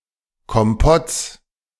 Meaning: genitive singular of Kompott
- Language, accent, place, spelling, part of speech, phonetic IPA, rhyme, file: German, Germany, Berlin, Kompotts, noun, [kɔmˈpɔt͡s], -ɔt͡s, De-Kompotts.ogg